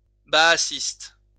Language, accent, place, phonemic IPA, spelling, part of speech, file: French, France, Lyon, /ba.a.sist/, baassiste, adjective / noun, LL-Q150 (fra)-baassiste.wav
- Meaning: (adjective) Baathist